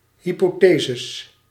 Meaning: plural of hypothese
- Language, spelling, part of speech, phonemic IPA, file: Dutch, hypotheses, noun, /ˌhipoˈtezəs/, Nl-hypotheses.ogg